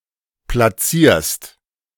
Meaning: second-person singular present of platzieren
- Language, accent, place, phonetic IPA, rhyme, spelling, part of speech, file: German, Germany, Berlin, [plaˈt͡siːɐ̯st], -iːɐ̯st, platzierst, verb, De-platzierst.ogg